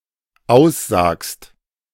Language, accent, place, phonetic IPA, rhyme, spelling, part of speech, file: German, Germany, Berlin, [ˈaʊ̯sˌzaːkst], -aʊ̯szaːkst, aussagst, verb, De-aussagst.ogg
- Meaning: second-person singular dependent present of aussagen